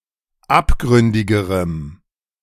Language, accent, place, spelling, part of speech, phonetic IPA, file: German, Germany, Berlin, abgründigerem, adjective, [ˈapˌɡʁʏndɪɡəʁəm], De-abgründigerem.ogg
- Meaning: strong dative masculine/neuter singular comparative degree of abgründig